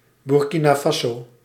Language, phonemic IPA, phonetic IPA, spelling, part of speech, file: Dutch, /burˌki.naː ˈfaː.soː/, [burˌki.na ˈfa.soː], Burkina Faso, proper noun, Nl-Burkina Faso.ogg
- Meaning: Burkina Faso (a country in West Africa, formerly Upper Volta)